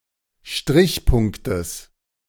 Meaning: genitive singular of Strichpunkt
- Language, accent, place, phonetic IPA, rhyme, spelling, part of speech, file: German, Germany, Berlin, [ˈʃtʁɪçˌpʊŋktəs], -ɪçpʊŋktəs, Strichpunktes, noun, De-Strichpunktes.ogg